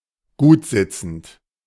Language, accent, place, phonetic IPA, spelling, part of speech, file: German, Germany, Berlin, [ˈɡuːtˌzɪt͡sn̩t], gutsitzend, adjective, De-gutsitzend.ogg
- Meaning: snug, well-fitting